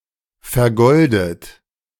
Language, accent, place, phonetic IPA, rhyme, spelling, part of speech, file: German, Germany, Berlin, [fɛɐ̯ˈɡɔldət], -ɔldət, vergoldet, adjective / verb, De-vergoldet.ogg
- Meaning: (verb) past participle of vergolden; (adjective) 1. gilded, gilt 2. gold-plated